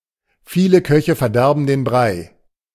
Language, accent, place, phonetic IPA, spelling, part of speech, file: German, Germany, Berlin, [ˈfiːlə ˈkœçə fɛɐ̯ˈdɛʁbn̩ deːn bʁaɪ̯], viele Köche verderben den Brei, phrase, De-viele Köche verderben den Brei.ogg
- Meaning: too many cooks spoil the broth